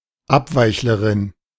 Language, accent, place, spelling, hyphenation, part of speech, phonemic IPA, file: German, Germany, Berlin, Abweichlerin, Ab‧weich‧le‧rin, noun, /ˈapˌvaɪ̯çləˌʁɪn/, De-Abweichlerin.ogg
- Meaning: female equivalent of Abweichler